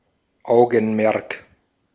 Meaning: 1. attention 2. something at which one directs one’s (special) attention; concern; interest
- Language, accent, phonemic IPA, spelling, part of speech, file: German, Austria, /ˈaʊ̯ɡənˌmɛʁk/, Augenmerk, noun, De-at-Augenmerk.ogg